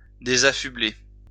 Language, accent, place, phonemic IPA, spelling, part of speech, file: French, France, Lyon, /de.za.fy.ble/, désaffubler, verb, LL-Q150 (fra)-désaffubler.wav
- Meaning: to unmuffle